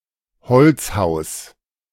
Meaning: wooden house
- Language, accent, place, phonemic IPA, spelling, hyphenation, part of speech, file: German, Germany, Berlin, /ˈhɔl(t)sˌhaʊ̯s/, Holzhaus, Holz‧haus, noun, De-Holzhaus.ogg